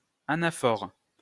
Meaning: anaphora (repetition of a phrase used for emphasis)
- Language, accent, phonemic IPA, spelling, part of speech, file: French, France, /a.na.fɔʁ/, anaphore, noun, LL-Q150 (fra)-anaphore.wav